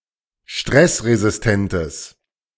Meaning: strong/mixed nominative/accusative neuter singular of stressresistent
- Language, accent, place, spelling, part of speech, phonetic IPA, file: German, Germany, Berlin, stressresistentes, adjective, [ˈʃtʁɛsʁezɪsˌtɛntəs], De-stressresistentes.ogg